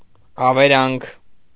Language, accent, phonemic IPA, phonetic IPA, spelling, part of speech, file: Armenian, Eastern Armenian, /ɑveˈɾɑnkʰ/, [ɑveɾɑ́ŋkʰ], ավերանք, noun, Hy-ավերանք.ogg
- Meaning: ruin, devastation